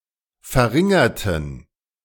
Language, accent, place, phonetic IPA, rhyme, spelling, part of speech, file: German, Germany, Berlin, [fɛɐ̯ˈʁɪŋɐtn̩], -ɪŋɐtn̩, verringerten, adjective / verb, De-verringerten.ogg
- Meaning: inflection of verringern: 1. first/third-person plural preterite 2. first/third-person plural subjunctive II